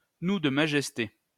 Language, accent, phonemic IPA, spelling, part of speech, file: French, France, /nu d(ə) ma.ʒɛs.te/, nous de majesté, noun, LL-Q150 (fra)-nous de majesté.wav
- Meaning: royal we, majestic plural (plural used by a sovereign)